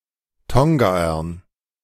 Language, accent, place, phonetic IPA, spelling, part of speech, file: German, Germany, Berlin, [ˈtɔŋɡaːɐn], Tongaern, noun, De-Tongaern.ogg
- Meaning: dative plural of Tongaer